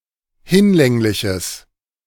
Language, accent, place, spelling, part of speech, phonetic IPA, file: German, Germany, Berlin, hinlängliches, adjective, [ˈhɪnˌlɛŋlɪçəs], De-hinlängliches.ogg
- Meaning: strong/mixed nominative/accusative neuter singular of hinlänglich